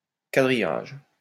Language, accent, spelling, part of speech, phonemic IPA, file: French, France, quadrillage, noun, /ka.dʁi.jaʒ/, LL-Q150 (fra)-quadrillage.wav
- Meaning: 1. grid (on paper etc) 2. coverage